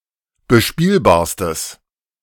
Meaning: strong/mixed nominative/accusative neuter singular superlative degree of bespielbar
- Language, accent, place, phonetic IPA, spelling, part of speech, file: German, Germany, Berlin, [bəˈʃpiːlbaːɐ̯stəs], bespielbarstes, adjective, De-bespielbarstes.ogg